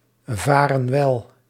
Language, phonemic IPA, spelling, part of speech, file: Dutch, /ˈvarə(n) ˈwɛl/, varen wel, verb, Nl-varen wel.ogg
- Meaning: inflection of welvaren: 1. plural present indicative 2. plural present subjunctive